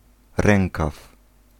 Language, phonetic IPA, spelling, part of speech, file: Polish, [ˈrɛ̃ŋkaf], rękaw, noun, Pl-rękaw.ogg